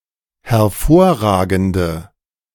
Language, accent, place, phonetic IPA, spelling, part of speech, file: German, Germany, Berlin, [hɛɐ̯ˈfoːɐ̯ˌʁaːɡn̩də], hervorragende, adjective, De-hervorragende.ogg
- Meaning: inflection of hervorragend: 1. strong/mixed nominative/accusative feminine singular 2. strong nominative/accusative plural 3. weak nominative all-gender singular